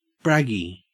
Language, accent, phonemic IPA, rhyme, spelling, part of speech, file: English, Australia, /ˈbɹæɡi/, -æɡi, braggie, noun, En-au-braggie.ogg
- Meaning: A photo shared on a social media network with the sole intention of making one's friends/followers jealous